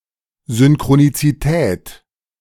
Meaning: synchronicity
- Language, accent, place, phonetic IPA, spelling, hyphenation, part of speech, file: German, Germany, Berlin, [zʏnkʁonitsiˈtʰɛːtʰ], Synchronizität, Syn‧chro‧ni‧zi‧tät, noun, De-Synchronizität.ogg